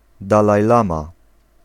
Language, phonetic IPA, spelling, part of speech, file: Polish, [ˌdalajˈlãma], dalajlama, noun, Pl-dalajlama.ogg